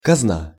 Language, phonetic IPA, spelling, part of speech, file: Russian, [kɐzˈna], казна, noun, Ru-казна.ogg
- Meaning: 1. treasury, exchequer, fisc 2. the state, the government (as an entity that owns or acquires some money or property) 3. money, sum, treasure 4. breech (the part of a breechloader)